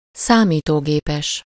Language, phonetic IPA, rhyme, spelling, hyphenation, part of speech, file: Hungarian, [ˈsaːmiːtoːɡeːpɛʃ], -ɛʃ, számítógépes, szá‧mí‧tó‧gé‧pes, adjective, Hu-számítógépes.ogg
- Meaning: computational, computer (of, or relating to computers)